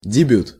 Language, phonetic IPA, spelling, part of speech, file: Russian, [dʲɪˈbʲut], дебют, noun, Ru-дебют.ogg
- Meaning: 1. debut 2. opening